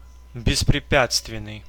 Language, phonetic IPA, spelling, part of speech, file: Russian, [bʲɪsprʲɪˈpʲat͡stvʲɪn(ː)ɨj], беспрепятственный, adjective, Ru-беспрепятственный.ogg
- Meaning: unhindered, without obstacles